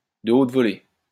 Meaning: first-rate, first-class, high-level
- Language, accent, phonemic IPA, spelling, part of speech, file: French, France, /də ot vɔ.le/, de haute volée, adjective, LL-Q150 (fra)-de haute volée.wav